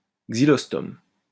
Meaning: synonym of gueule de bois
- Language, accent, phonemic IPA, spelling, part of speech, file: French, France, /ɡzi.lɔs.tɔm/, xylostome, noun, LL-Q150 (fra)-xylostome.wav